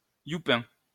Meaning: kike, yid
- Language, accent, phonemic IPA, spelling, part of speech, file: French, France, /ju.pɛ̃/, youpin, noun, LL-Q150 (fra)-youpin.wav